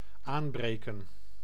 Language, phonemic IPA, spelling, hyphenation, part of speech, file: Dutch, /ˈaːm.breː.kə(n)/, aanbreken, aan‧bre‧ken, verb, Nl-aanbreken.ogg
- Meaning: 1. to begin, to onset 2. to break into, to open for the first time 3. to violently approach by storm